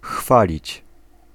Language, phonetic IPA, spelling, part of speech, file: Polish, [ˈxfalʲit͡ɕ], chwalić, verb, Pl-chwalić.ogg